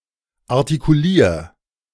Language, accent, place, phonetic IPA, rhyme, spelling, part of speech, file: German, Germany, Berlin, [aʁtikuˈliːɐ̯], -iːɐ̯, artikulier, verb, De-artikulier.ogg
- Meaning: 1. singular imperative of artikulieren 2. first-person singular present of artikulieren